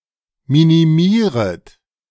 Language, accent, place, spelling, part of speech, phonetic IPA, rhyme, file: German, Germany, Berlin, minimieret, verb, [ˌminiˈmiːʁət], -iːʁət, De-minimieret.ogg
- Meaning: second-person plural subjunctive I of minimieren